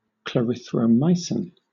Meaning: A semisynthetic macrolide antibiotic C₃₈H₆₉NO₁₃ (trademarks Biaxin, Klaricid) used especially in the treatment of various mild to moderate bacterial infections
- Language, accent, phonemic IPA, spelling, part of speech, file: English, Southern England, /kləˌɹɪθ.ɹəʊˈmʌɪ.sɪn/, clarithromycin, noun, LL-Q1860 (eng)-clarithromycin.wav